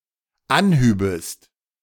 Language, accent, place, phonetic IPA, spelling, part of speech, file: German, Germany, Berlin, [ˈanˌhyːbəst], anhübest, verb, De-anhübest.ogg
- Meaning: second-person singular dependent subjunctive II of anheben